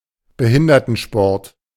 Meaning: parasports, disability sports
- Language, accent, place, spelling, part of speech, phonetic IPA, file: German, Germany, Berlin, Behindertensport, noun, [bəˈhɪndɐtn̩ˌʃpɔʁt], De-Behindertensport.ogg